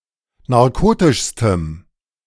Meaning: strong dative masculine/neuter singular superlative degree of narkotisch
- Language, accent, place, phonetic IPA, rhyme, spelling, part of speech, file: German, Germany, Berlin, [naʁˈkoːtɪʃstəm], -oːtɪʃstəm, narkotischstem, adjective, De-narkotischstem.ogg